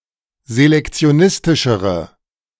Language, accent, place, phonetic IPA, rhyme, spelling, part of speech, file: German, Germany, Berlin, [zelɛkt͡si̯oˈnɪstɪʃəʁə], -ɪstɪʃəʁə, selektionistischere, adjective, De-selektionistischere.ogg
- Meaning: inflection of selektionistisch: 1. strong/mixed nominative/accusative feminine singular comparative degree 2. strong nominative/accusative plural comparative degree